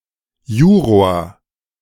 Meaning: juror, member of a jury
- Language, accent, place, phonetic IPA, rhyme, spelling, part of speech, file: German, Germany, Berlin, [ˈjuːʁoːɐ̯], -uːʁoːɐ̯, Juror, noun, De-Juror.ogg